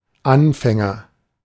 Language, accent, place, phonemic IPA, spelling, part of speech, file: German, Germany, Berlin, /ˈanfɛŋɐ/, Anfänger, noun, De-Anfänger.ogg
- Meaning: agent noun of anfangen; beginner, novice